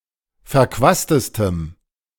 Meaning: strong dative masculine/neuter singular superlative degree of verquast
- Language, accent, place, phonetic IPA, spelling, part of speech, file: German, Germany, Berlin, [fɛɐ̯ˈkvaːstəstəm], verquastestem, adjective, De-verquastestem.ogg